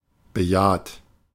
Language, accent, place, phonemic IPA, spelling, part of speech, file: German, Germany, Berlin, /bəˈjaːt/, bejaht, verb, De-bejaht.ogg
- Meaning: 1. past participle of bejahen 2. inflection of bejahen: second-person plural present 3. inflection of bejahen: third-person singular present 4. inflection of bejahen: plural imperative